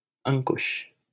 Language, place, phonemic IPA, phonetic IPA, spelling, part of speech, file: Hindi, Delhi, /əŋ.kʊʃ/, [ɐ̃ŋ.kʊʃ], अंकुश, noun / proper noun, LL-Q1568 (hin)-अंकुश.wav
- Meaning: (noun) 1. hook, goad (especially used to drive an elephant) 2. control, restraint; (proper noun) a male given name, Ankush, from Sanskrit